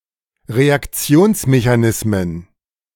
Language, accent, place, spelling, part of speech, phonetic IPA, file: German, Germany, Berlin, Reaktionsmechanismen, noun, [ʁeakˈt͡si̯oːnsmeçaˌnɪsmən], De-Reaktionsmechanismen.ogg
- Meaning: plural of Reaktionsmechanismus